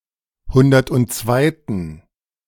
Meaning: inflection of hundertundzweite: 1. strong genitive masculine/neuter singular 2. weak/mixed genitive/dative all-gender singular 3. strong/weak/mixed accusative masculine singular
- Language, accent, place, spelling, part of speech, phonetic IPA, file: German, Germany, Berlin, hundertundzweiten, adjective, [ˈhʊndɐtʔʊntˈt͡svaɪ̯tən], De-hundertundzweiten.ogg